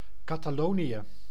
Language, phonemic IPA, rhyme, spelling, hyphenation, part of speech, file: Dutch, /ˌkaː.taːˈloː.ni.ə/, -oːniə, Catalonië, Ca‧ta‧lo‧nië, proper noun, Nl-Catalonië.ogg
- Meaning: Catalonia (an autonomous community in northeast Spain)